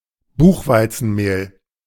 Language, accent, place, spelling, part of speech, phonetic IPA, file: German, Germany, Berlin, Buchweizenmehl, noun, [ˈbuːxvaɪ̯t͡sn̩ˌmeːl], De-Buchweizenmehl.ogg
- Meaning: buckwheat flour